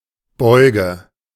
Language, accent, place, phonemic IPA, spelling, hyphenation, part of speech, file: German, Germany, Berlin, /ˈbɔɪ̯ɡə/, Beuge, Beu‧ge, noun, De-Beuge.ogg
- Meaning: bend